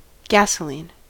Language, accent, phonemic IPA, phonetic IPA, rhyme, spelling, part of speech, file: English, US, /ˈɡæs.ə.liːn/, [ɡæsɵˈlin], -iːn, gasoline, noun / adjective, En-us-gasoline.ogg
- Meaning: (noun) 1. A flammable liquid consisting of a mixture of refined petroleum hydrocarbons, mainly used as a motor fuel; petrol 2. Any specific kind of this fuel